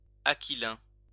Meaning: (adjective) of a dark brown colour; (noun) 1. a dark brown colour 2. a horse of the same colour
- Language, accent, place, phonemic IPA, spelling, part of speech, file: French, France, Lyon, /a.ki.lɛ̃/, aquilain, adjective / noun, LL-Q150 (fra)-aquilain.wav